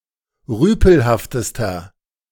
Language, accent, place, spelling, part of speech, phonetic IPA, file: German, Germany, Berlin, rüpelhaftester, adjective, [ˈʁyːpl̩haftəstɐ], De-rüpelhaftester.ogg
- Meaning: inflection of rüpelhaft: 1. strong/mixed nominative masculine singular superlative degree 2. strong genitive/dative feminine singular superlative degree 3. strong genitive plural superlative degree